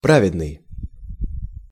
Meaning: 1. pious, religious 2. just, righteous
- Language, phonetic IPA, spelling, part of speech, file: Russian, [ˈpravʲɪdnɨj], праведный, adjective, Ru-праведный.ogg